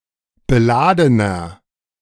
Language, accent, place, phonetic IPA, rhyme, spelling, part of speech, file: German, Germany, Berlin, [bəˈlaːdənɐ], -aːdənɐ, beladener, adjective, De-beladener.ogg
- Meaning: inflection of beladen: 1. strong/mixed nominative masculine singular 2. strong genitive/dative feminine singular 3. strong genitive plural